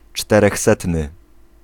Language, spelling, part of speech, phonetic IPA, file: Polish, czterechsetny, adjective, [ˌt͡ʃtɛrɛxˈsɛtnɨ], Pl-czterechsetny.ogg